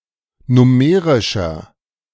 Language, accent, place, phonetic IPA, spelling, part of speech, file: German, Germany, Berlin, [ˈnʊməʁɪʃɐ], nummerischer, adjective, De-nummerischer.ogg
- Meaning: 1. comparative degree of nummerisch 2. inflection of nummerisch: strong/mixed nominative masculine singular 3. inflection of nummerisch: strong genitive/dative feminine singular